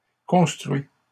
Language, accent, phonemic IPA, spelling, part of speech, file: French, Canada, /kɔ̃s.tʁɥi/, construits, verb, LL-Q150 (fra)-construits.wav
- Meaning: masculine plural of construit